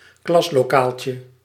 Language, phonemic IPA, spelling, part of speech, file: Dutch, /ˈklɑsloˌkalcə/, klaslokaaltje, noun, Nl-klaslokaaltje.ogg
- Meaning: diminutive of klaslokaal